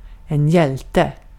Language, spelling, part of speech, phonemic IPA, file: Swedish, hjälte, noun, /ˈjɛlˌtɛ/, Sv-hjälte.ogg
- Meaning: 1. a hero, a person (of any sex) of great bravery 2. the main male protagonist in a work of fiction